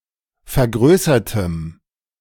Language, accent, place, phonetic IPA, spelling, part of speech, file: German, Germany, Berlin, [fɛɐ̯ˈɡʁøːsɐtəm], vergrößertem, adjective, De-vergrößertem.ogg
- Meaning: strong dative masculine/neuter singular of vergrößert